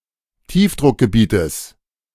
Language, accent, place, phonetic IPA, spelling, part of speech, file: German, Germany, Berlin, [ˈtiːfdʁʊkɡəˌbiːtəs], Tiefdruckgebietes, noun, De-Tiefdruckgebietes.ogg
- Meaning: genitive singular of Tiefdruckgebiet